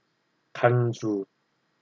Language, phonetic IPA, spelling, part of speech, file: Korean, [ˈka̠(ː)ɲd͡ʑu], 간주, noun, Ko-간주.ogg
- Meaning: intermezzo; interlude